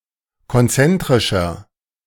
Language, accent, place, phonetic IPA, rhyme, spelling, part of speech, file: German, Germany, Berlin, [kɔnˈt͡sɛntʁɪʃɐ], -ɛntʁɪʃɐ, konzentrischer, adjective, De-konzentrischer.ogg
- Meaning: inflection of konzentrisch: 1. strong/mixed nominative masculine singular 2. strong genitive/dative feminine singular 3. strong genitive plural